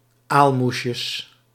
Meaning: plural of aalmoesje
- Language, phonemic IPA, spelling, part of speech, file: Dutch, /ˈalmusjəs/, aalmoesjes, noun, Nl-aalmoesjes.ogg